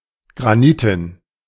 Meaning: granite
- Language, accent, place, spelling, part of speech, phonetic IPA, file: German, Germany, Berlin, graniten, adjective, [ˌɡʁaˈniːtən], De-graniten.ogg